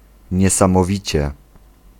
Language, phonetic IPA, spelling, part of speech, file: Polish, [ˌɲɛsãmɔˈvʲit͡ɕɛ], niesamowicie, adverb, Pl-niesamowicie.ogg